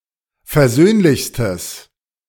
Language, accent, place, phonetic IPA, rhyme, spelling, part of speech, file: German, Germany, Berlin, [fɛɐ̯ˈzøːnlɪçstəs], -øːnlɪçstəs, versöhnlichstes, adjective, De-versöhnlichstes.ogg
- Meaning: strong/mixed nominative/accusative neuter singular superlative degree of versöhnlich